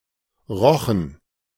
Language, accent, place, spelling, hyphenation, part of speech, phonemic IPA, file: German, Germany, Berlin, Rochen, Ro‧chen, noun, /ˈʁɔxən/, De-Rochen.ogg
- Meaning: ray (marine fish with a flat body, large wing-like fins, and a whip-like tail)